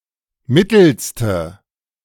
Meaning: inflection of mittel: 1. strong/mixed nominative/accusative feminine singular superlative degree 2. strong nominative/accusative plural superlative degree
- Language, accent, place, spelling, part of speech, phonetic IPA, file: German, Germany, Berlin, mittelste, adjective, [ˈmɪtl̩stə], De-mittelste.ogg